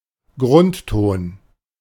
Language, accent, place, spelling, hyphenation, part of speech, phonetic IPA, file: German, Germany, Berlin, Grundton, Grund‧ton, noun, [ˈɡʁʊntˌtoːn], De-Grundton.ogg
- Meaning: 1. basic color, ground color 2. fundamental tone, root 3. keynote, tonic